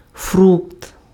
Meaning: fruit (part of plant)
- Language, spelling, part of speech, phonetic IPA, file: Ukrainian, фрукт, noun, [frukt], Uk-фрукт.ogg